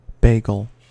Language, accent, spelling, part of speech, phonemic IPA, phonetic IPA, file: English, US, bagel, noun / verb, /ˈbɛ.ɡəl/, [ˈbeɪ̯.ɡɫ̩], En-us-bagel.ogg
- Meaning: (noun) 1. A toroidal bread roll that is boiled before it is baked 2. A score of 6-0 in a set (after the shape of a bagel, which looks like a zero)